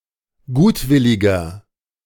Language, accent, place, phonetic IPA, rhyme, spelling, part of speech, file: German, Germany, Berlin, [ˈɡuːtˌvɪlɪɡɐ], -uːtvɪlɪɡɐ, gutwilliger, adjective, De-gutwilliger.ogg
- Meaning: 1. comparative degree of gutwillig 2. inflection of gutwillig: strong/mixed nominative masculine singular 3. inflection of gutwillig: strong genitive/dative feminine singular